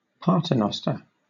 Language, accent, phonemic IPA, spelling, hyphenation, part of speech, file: English, Southern England, /ˈpɑːtəˌnɒstə(ɹ)/, paternoster, pa‧ter‧nos‧ter, noun / verb, LL-Q1860 (eng)-paternoster.wav
- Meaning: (noun) 1. The Lord's Prayer, especially in a Roman Catholic context 2. A slow, continuously moving lift or elevator consisting of a loop of open-fronted cabins running the height of a building